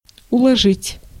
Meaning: 1. to lay 2. to pack up 3. to stow, to pile, to stack 4. to arrange, to style
- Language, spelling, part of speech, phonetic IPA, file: Russian, уложить, verb, [ʊɫɐˈʐɨtʲ], Ru-уложить.ogg